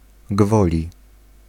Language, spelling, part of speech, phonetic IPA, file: Polish, gwoli, preposition, [ˈɡvɔlʲi], Pl-gwoli.ogg